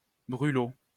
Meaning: 1. fireship 2. scathing report 3. coffee served with alcohol or certain spices 4. an insect of the family Ceratopogonidae; noseeum, gnat
- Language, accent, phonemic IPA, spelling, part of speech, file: French, France, /bʁy.lo/, brûlot, noun, LL-Q150 (fra)-brûlot.wav